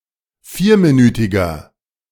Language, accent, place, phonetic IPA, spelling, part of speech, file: German, Germany, Berlin, [ˈfiːɐ̯miˌnyːtɪɡɐ], vierminütiger, adjective, De-vierminütiger.ogg
- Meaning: inflection of vierminütig: 1. strong/mixed nominative masculine singular 2. strong genitive/dative feminine singular 3. strong genitive plural